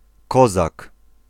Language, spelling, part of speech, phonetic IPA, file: Polish, Kozak, noun, [ˈkɔzak], Pl-Kozak.ogg